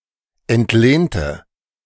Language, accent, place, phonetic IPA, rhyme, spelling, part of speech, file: German, Germany, Berlin, [ɛntˈleːntə], -eːntə, entlehnte, adjective / verb, De-entlehnte.ogg
- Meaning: inflection of entlehnt: 1. strong/mixed nominative/accusative feminine singular 2. strong nominative/accusative plural 3. weak nominative all-gender singular